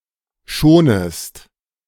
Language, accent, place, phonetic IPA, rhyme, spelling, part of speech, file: German, Germany, Berlin, [ˈʃoːnəst], -oːnəst, schonest, verb, De-schonest.ogg
- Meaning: second-person singular subjunctive I of schonen